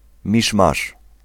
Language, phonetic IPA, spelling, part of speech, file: Polish, [ˈmʲiʃmaʃ], miszmasz, noun, Pl-miszmasz.ogg